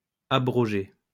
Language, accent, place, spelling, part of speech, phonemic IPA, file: French, France, Lyon, abrogées, verb, /a.bʁɔ.ʒe/, LL-Q150 (fra)-abrogées.wav
- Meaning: feminine plural of abrogé